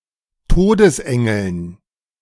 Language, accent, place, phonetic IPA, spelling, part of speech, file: German, Germany, Berlin, [ˈtoːdəsˌʔɛŋl̩n], Todesengeln, noun, De-Todesengeln.ogg
- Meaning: dative plural of Todesengel